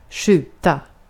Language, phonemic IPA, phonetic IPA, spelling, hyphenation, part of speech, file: Swedish, /²ɧʉːta/, [ˈɧʉᵝː˧˩ˌt̪ä˥˩], skjuta, skju‧ta, verb, Sv-skjuta.ogg
- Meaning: 1. to shoot ((a projectile with) a weapon), (often, idiomatically – see the usage notes below) to fire ((a projectile with) a weapon) 2. to shoot (hit with a projectile fired from a weapon)